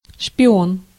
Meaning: spy
- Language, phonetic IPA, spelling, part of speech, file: Russian, [ʂpʲɪˈon], шпион, noun, Ru-шпион.ogg